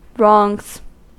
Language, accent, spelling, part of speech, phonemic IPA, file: English, US, wrongs, noun / verb, /ɹɔŋz/, En-us-wrongs.ogg
- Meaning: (noun) plural of wrong; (verb) third-person singular simple present indicative of wrong